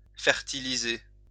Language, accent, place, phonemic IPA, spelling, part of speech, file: French, France, Lyon, /fɛʁ.ti.li.ze/, fertiliser, verb, LL-Q150 (fra)-fertiliser.wav
- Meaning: to fertilize